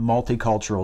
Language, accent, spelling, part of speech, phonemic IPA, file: English, US, multicultural, adjective, /ˌmʌltiˈkʌlt͡ʃəɹəl/, En-us-multicultural.ogg
- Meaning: 1. Relating or pertaining to several different cultures 2. Relating or pertaining to groups, households or families involving persons with different or mixed ethnicities or races